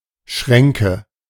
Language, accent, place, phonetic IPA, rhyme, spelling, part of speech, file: German, Germany, Berlin, [ˈʃʁɛŋkə], -ɛŋkə, Schränke, noun, De-Schränke.ogg
- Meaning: nominative/accusative/genitive plural of Schrank